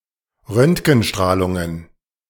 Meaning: plural of Röntgenstrahlung
- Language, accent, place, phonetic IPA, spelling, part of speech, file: German, Germany, Berlin, [ˈʁœntɡn̩ˌʃtʁaːlʊŋən], Röntgenstrahlungen, noun, De-Röntgenstrahlungen.ogg